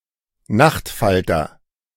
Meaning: moth (insect similar to a butterfly; especially any nocturnal species of the Macrolepidoptera grouping)
- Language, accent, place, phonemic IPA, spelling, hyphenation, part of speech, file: German, Germany, Berlin, /ˈnaxtfaltɐ/, Nachtfalter, Nacht‧fal‧ter, noun, De-Nachtfalter.ogg